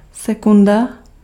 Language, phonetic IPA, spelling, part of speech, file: Czech, [ˈsɛkunda], sekunda, noun, Cs-sekunda.ogg
- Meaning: 1. second (unit of time) 2. second (musical interval)